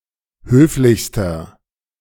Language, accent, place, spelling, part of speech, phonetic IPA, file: German, Germany, Berlin, höflichster, adjective, [ˈhøːflɪçstɐ], De-höflichster.ogg
- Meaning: inflection of höflich: 1. strong/mixed nominative masculine singular superlative degree 2. strong genitive/dative feminine singular superlative degree 3. strong genitive plural superlative degree